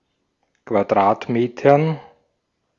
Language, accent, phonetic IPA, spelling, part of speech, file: German, Austria, [kvaˈdʁaːtˌmeːtɐn], Quadratmetern, noun, De-at-Quadratmetern.ogg
- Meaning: dative plural of Quadratmeter